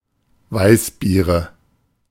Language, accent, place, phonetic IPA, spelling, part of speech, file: German, Germany, Berlin, [ˈvaɪ̯sˌbiːʁə], Weißbiere, noun, De-Weißbiere.ogg
- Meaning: nominative/accusative/genitive plural of Weißbier